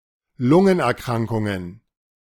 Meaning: plural of Lungenerkrankung
- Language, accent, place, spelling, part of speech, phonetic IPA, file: German, Germany, Berlin, Lungenerkrankungen, noun, [ˈlʊŋənʔɛɐ̯ˌkʁaŋkʊŋən], De-Lungenerkrankungen.ogg